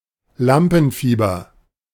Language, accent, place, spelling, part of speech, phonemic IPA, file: German, Germany, Berlin, Lampenfieber, noun, /ˈlampn̩ˌfiːbɐ/, De-Lampenfieber.ogg
- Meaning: stage fright